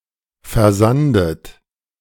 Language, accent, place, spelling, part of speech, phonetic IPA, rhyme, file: German, Germany, Berlin, versandet, verb, [fɛɐ̯ˈzandət], -andət, De-versandet.ogg
- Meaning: 1. past participle of versanden 2. inflection of versanden: third-person singular present 3. inflection of versanden: second-person plural present 4. inflection of versanden: plural imperative